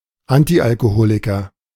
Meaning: teetotaler / teetotaller, nondrinker / non-drinker (male or of unspecified gender)
- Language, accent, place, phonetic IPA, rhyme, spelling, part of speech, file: German, Germany, Berlin, [ˈantiʔalkoˌhoːlɪkɐ], -oːlɪkɐ, Antialkoholiker, noun, De-Antialkoholiker.ogg